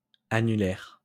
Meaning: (adjective) annular, ring-shaped; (noun) ring finger
- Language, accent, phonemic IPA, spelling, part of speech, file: French, France, /a.ny.lɛʁ/, annulaire, adjective / noun, LL-Q150 (fra)-annulaire.wav